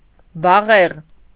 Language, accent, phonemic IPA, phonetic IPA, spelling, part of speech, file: Armenian, Eastern Armenian, /bɑˈʁeʁ/, [bɑʁéʁ], բաղեղ, noun, Hy-բաղեղ.ogg
- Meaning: ivy